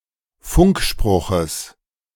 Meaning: genitive of Funkspruch
- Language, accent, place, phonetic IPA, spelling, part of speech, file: German, Germany, Berlin, [ˈfʊŋkˌʃpʁʊxəs], Funkspruches, noun, De-Funkspruches.ogg